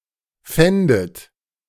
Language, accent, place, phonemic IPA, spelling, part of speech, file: German, Germany, Berlin, /ˈfɛndət/, fändet, verb, De-fändet.ogg
- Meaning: second-person plural subjunctive II of finden